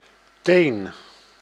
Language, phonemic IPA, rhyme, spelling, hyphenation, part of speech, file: Dutch, /ˈteːn/, -eːn, teen, teen, noun, Nl-teen.ogg
- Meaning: 1. toe 2. clove (of garlic) 3. twig, thin branch 4. a bundle of twigs